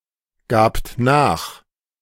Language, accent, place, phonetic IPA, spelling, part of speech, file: German, Germany, Berlin, [ˌɡaːpt ˈnaːx], gabt nach, verb, De-gabt nach.ogg
- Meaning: second-person plural preterite of nachgeben